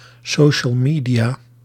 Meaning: social media
- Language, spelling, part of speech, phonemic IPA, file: Dutch, social media, noun, /ˌsoː.ʃəl ˈmiː.di.aː/, Nl-social media.ogg